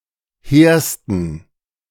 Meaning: 1. superlative degree of hehr 2. inflection of hehr: strong genitive masculine/neuter singular superlative degree
- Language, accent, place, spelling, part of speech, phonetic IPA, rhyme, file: German, Germany, Berlin, hehrsten, adjective, [ˈheːɐ̯stn̩], -eːɐ̯stn̩, De-hehrsten.ogg